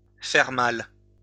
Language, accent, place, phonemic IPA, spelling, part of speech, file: French, France, Lyon, /fɛʁ mal/, faire mal, verb, LL-Q150 (fra)-faire mal.wav
- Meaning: to hurt, to cause pain, to be painful